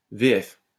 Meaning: "version française" — French-language version (FV); a film dubbed in French
- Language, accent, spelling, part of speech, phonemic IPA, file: French, France, VF, noun, /ve.ɛf/, LL-Q150 (fra)-VF.wav